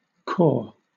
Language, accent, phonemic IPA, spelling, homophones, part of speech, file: English, Southern England, /kɔː/, cor, corps, interjection / noun, LL-Q1860 (eng)-cor.wav
- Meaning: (interjection) Expression of surprise; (noun) Any of various former units of volume: A Hebrew unit of liquid volume, about equal to 230 L or 60 gallons